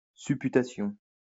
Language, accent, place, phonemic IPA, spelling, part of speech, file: French, France, Lyon, /sy.py.ta.sjɔ̃/, supputation, noun, LL-Q150 (fra)-supputation.wav
- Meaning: 1. estimation 2. conjecture